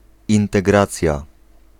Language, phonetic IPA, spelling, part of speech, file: Polish, [ˌĩntɛˈɡrat͡sʲja], integracja, noun, Pl-integracja.ogg